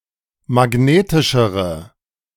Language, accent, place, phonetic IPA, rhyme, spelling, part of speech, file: German, Germany, Berlin, [maˈɡneːtɪʃəʁə], -eːtɪʃəʁə, magnetischere, adjective, De-magnetischere.ogg
- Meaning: inflection of magnetisch: 1. strong/mixed nominative/accusative feminine singular comparative degree 2. strong nominative/accusative plural comparative degree